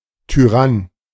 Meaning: 1. tyrant 2. bully 3. tyrant flycatcher
- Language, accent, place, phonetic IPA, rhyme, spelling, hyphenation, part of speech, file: German, Germany, Berlin, [tyˈʁan], -an, Tyrann, Ty‧rann, noun, De-Tyrann.ogg